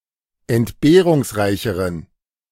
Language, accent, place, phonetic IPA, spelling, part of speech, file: German, Germany, Berlin, [ɛntˈbeːʁʊŋsˌʁaɪ̯çəʁən], entbehrungsreicheren, adjective, De-entbehrungsreicheren.ogg
- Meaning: inflection of entbehrungsreich: 1. strong genitive masculine/neuter singular comparative degree 2. weak/mixed genitive/dative all-gender singular comparative degree